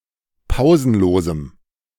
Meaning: strong dative masculine/neuter singular of pausenlos
- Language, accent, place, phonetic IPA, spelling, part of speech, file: German, Germany, Berlin, [ˈpaʊ̯zn̩ˌloːzm̩], pausenlosem, adjective, De-pausenlosem.ogg